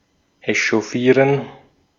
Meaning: to get steamed, upset, worked up, het up
- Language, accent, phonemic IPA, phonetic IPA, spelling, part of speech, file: German, Austria, /eʃoˈfiːʁən/, [ʔeʃoˈfiːɐ̯n], echauffieren, verb, De-at-echauffieren.ogg